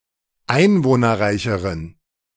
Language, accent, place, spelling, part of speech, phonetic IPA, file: German, Germany, Berlin, einwohnerreicheren, adjective, [ˈaɪ̯nvoːnɐˌʁaɪ̯çəʁən], De-einwohnerreicheren.ogg
- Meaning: inflection of einwohnerreich: 1. strong genitive masculine/neuter singular comparative degree 2. weak/mixed genitive/dative all-gender singular comparative degree